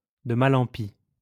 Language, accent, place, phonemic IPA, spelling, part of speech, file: French, France, Lyon, /də ma.l‿ɑ̃ pi/, de mal en pis, phrase, LL-Q150 (fra)-de mal en pis.wav
- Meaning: from bad to worse, worse and worse